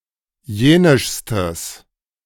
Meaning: strong/mixed nominative/accusative neuter singular superlative degree of jenisch
- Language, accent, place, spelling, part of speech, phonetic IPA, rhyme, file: German, Germany, Berlin, jenischstes, adjective, [ˈjeːnɪʃstəs], -eːnɪʃstəs, De-jenischstes.ogg